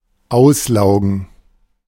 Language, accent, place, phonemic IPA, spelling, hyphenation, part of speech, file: German, Germany, Berlin, /ˈaʊ̯sˌlaʊ̯ɡn̩/, auslaugen, aus‧lau‧gen, verb, De-auslaugen.ogg
- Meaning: 1. to exhaust, sap 2. to leach